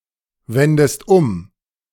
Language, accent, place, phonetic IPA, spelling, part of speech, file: German, Germany, Berlin, [ˌvɛndəst ˈʊm], wendest um, verb, De-wendest um.ogg
- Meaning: inflection of umwenden: 1. second-person singular present 2. second-person singular subjunctive I